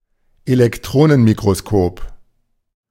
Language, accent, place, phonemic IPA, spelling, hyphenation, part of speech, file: German, Germany, Berlin, /elɛkˈtʁoːnənmikʁoˌskoːp/, Elektronenmikroskop, Elek‧tro‧nen‧mi‧k‧ro‧s‧kop, noun, De-Elektronenmikroskop.ogg
- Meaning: electron microscope (any of several forms of microscope that use a beam of electrons rather than one of light)